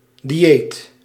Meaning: diet
- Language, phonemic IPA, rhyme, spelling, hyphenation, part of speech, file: Dutch, /diˈ(j)eːt/, -eːt, dieet, di‧eet, noun, Nl-dieet.ogg